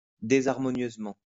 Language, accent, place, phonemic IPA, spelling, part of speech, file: French, France, Lyon, /de.zaʁ.mɔ.njøz.mɑ̃/, désharmonieusement, adverb, LL-Q150 (fra)-désharmonieusement.wav
- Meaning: disharmoniously